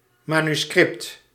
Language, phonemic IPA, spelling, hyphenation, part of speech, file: Dutch, /ˌmaː.nyˈskrɪpt/, manuscript, man‧us‧cript, noun, Nl-manuscript.ogg
- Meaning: 1. a manuscript, written (not printed) text or composition 2. a manuscript submitted for reproductive publication